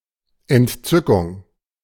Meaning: delight
- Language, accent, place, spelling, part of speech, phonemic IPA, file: German, Germany, Berlin, Entzückung, noun, /ɛnˈtsʏkʊŋ/, De-Entzückung.ogg